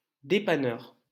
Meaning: 1. troubleshooter, repairman 2. convenience store
- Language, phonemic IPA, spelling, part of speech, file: French, /de.pa.nœʁ/, dépanneur, noun, LL-Q150 (fra)-dépanneur.wav